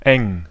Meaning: 1. narrow, tight 2. close
- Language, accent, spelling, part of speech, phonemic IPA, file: German, Germany, eng, adjective, /ɛŋ/, De-eng.ogg